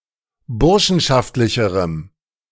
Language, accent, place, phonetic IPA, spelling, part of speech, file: German, Germany, Berlin, [ˈbʊʁʃn̩ʃaftlɪçəʁəm], burschenschaftlicherem, adjective, De-burschenschaftlicherem.ogg
- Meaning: strong dative masculine/neuter singular comparative degree of burschenschaftlich